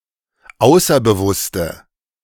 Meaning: inflection of außerbewusst: 1. strong/mixed nominative/accusative feminine singular 2. strong nominative/accusative plural 3. weak nominative all-gender singular
- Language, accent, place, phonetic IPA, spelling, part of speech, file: German, Germany, Berlin, [ˈaʊ̯sɐbəˌvʊstə], außerbewusste, adjective, De-außerbewusste.ogg